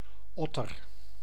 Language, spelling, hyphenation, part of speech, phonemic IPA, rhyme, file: Dutch, otter, ot‧ter, noun, /ˈɔ.tər/, -ɔtər, Nl-otter.ogg
- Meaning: 1. Any otter 2. European otter, Lutra lutra